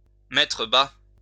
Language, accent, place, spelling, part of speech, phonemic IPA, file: French, France, Lyon, mettre bas, verb, /mɛ.tʁə bɑ/, LL-Q150 (fra)-mettre bas.wav
- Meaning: to give birth, to drop; to whelp, to foal, to calve, to lamb, to kindle